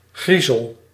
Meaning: 1. a scary or creepy person or creature 2. something small; a grain or crumb of something
- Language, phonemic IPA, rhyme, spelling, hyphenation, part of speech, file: Dutch, /ˈɣri.zəl/, -izəl, griezel, grie‧zel, noun, Nl-griezel.ogg